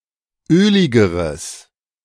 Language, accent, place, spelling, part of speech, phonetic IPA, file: German, Germany, Berlin, öligeres, adjective, [ˈøːlɪɡəʁəs], De-öligeres.ogg
- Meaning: strong/mixed nominative/accusative neuter singular comparative degree of ölig